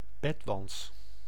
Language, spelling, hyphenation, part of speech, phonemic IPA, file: Dutch, bedwants, bed‧wants, noun, /ˈbɛt.ʋɑnts/, Nl-bedwants.ogg
- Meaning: bedbug (Cimex lectularius)